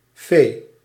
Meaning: fairy
- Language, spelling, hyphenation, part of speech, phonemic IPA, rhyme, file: Dutch, fee, fee, noun, /feː/, -eː, Nl-fee.ogg